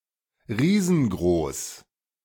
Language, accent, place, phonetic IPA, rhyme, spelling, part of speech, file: German, Germany, Berlin, [ˈʁiːzn̩ˈɡʁoːs], -oːs, riesengroß, adjective, De-riesengroß.ogg
- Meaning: giant